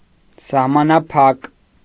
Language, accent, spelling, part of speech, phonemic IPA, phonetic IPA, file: Armenian, Eastern Armenian, սահմանափակ, adjective, /sɑhmɑnɑˈpʰɑk/, [sɑhmɑnɑpʰɑ́k], Hy-սահմանափակ.ogg
- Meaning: 1. limited 2. limited, restricted, narrow, few